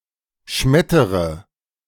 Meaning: inflection of schmettern: 1. first-person singular present 2. first/third-person singular subjunctive I 3. singular imperative
- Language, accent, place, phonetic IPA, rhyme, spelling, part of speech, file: German, Germany, Berlin, [ˈʃmɛtəʁə], -ɛtəʁə, schmettere, verb, De-schmettere.ogg